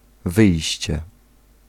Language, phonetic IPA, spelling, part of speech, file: Polish, [ˈvɨjɕt͡ɕɛ], wyjście, noun, Pl-wyjście.ogg